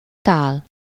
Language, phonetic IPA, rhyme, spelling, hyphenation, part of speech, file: Hungarian, [ˈtaːl], -aːl, tál, tál, noun, Hu-tál.ogg
- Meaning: 1. dish, bowl (a vessel such as a plate for holding or serving food) 2. plate, platter (main dish and side dishes served together on one plate)